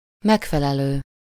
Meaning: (verb) present participle of megfelel; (adjective) 1. appropriate, adequate, suitable 2. corresponding, matching; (noun) equivalent, counterpart
- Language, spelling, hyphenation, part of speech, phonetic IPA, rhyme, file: Hungarian, megfelelő, meg‧fe‧le‧lő, verb / adjective / noun, [ˈmɛkfɛlɛløː], -løː, Hu-megfelelő.ogg